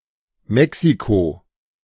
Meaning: Mexico (a country in North America, located south of the United States, and northwest of Guatemala and Belize from Central America)
- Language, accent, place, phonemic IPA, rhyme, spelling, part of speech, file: German, Germany, Berlin, /ˈmɛksikoː/, -oː, Mexiko, proper noun, De-Mexiko.ogg